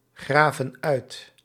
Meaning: inflection of uitgraven: 1. plural present indicative 2. plural present subjunctive
- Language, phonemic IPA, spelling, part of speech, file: Dutch, /ˈɣravə(n) ˈœyt/, graven uit, verb, Nl-graven uit.ogg